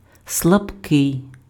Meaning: weak
- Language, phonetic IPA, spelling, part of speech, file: Ukrainian, [sɫɐbˈkɪi̯], слабкий, adjective, Uk-слабкий.ogg